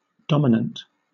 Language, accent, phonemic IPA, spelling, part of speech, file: English, Southern England, /ˈdɒmɪnənt/, dominant, noun / adjective, LL-Q1860 (eng)-dominant.wav
- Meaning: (noun) 1. The fifth major tone of a musical scale (five major steps above the note in question); thus G is the dominant of C, A of D, and so on 2. The triad built on the dominant tone